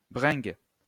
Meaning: 1. binge, booze-up (drunken celebration) 2. lanky woman 3. piece
- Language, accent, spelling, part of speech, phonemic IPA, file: French, France, bringue, noun, /bʁɛ̃ɡ/, LL-Q150 (fra)-bringue.wav